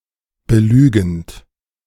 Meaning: present participle of belügen
- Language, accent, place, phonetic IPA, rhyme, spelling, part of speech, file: German, Germany, Berlin, [bəˈlyːɡn̩t], -yːɡn̩t, belügend, verb, De-belügend.ogg